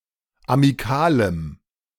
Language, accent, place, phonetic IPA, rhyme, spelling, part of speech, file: German, Germany, Berlin, [amiˈkaːləm], -aːləm, amikalem, adjective, De-amikalem.ogg
- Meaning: strong dative masculine/neuter singular of amikal